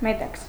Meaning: silk
- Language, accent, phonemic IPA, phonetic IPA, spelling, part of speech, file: Armenian, Eastern Armenian, /meˈtɑkʰs/, [metɑ́kʰs], մետաքս, noun, Hy-մետաքս.ogg